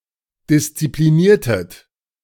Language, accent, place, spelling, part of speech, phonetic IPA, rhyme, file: German, Germany, Berlin, diszipliniertet, verb, [dɪst͡sipliˈniːɐ̯tət], -iːɐ̯tət, De-diszipliniertet.ogg
- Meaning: inflection of disziplinieren: 1. second-person plural preterite 2. second-person plural subjunctive II